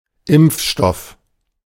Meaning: vaccine
- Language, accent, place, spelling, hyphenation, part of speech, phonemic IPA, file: German, Germany, Berlin, Impfstoff, Impf‧stoff, noun, /ˈɪmp͡f.ˌʃtɔf/, De-Impfstoff.ogg